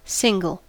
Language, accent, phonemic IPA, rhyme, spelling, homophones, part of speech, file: English, General American, /ˈsɪŋɡəl/, -ɪŋɡəl, single, cingle, adjective / noun / verb, En-us-single.ogg
- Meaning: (adjective) 1. Not accompanied by anything else; one in number 2. Not divided in parts 3. Designed for the use of only one 4. Performed by one person, or one on each side